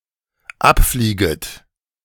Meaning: second-person plural dependent subjunctive I of abfliegen
- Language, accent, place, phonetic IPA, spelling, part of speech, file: German, Germany, Berlin, [ˈapˌfliːɡət], abflieget, verb, De-abflieget.ogg